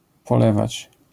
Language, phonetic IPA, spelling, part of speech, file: Polish, [pɔˈlɛvat͡ɕ], polewać, verb, LL-Q809 (pol)-polewać.wav